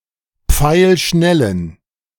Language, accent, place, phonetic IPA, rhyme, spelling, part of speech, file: German, Germany, Berlin, [ˈp͡faɪ̯lˈʃnɛlən], -ɛlən, pfeilschnellen, adjective, De-pfeilschnellen.ogg
- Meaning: inflection of pfeilschnell: 1. strong genitive masculine/neuter singular 2. weak/mixed genitive/dative all-gender singular 3. strong/weak/mixed accusative masculine singular 4. strong dative plural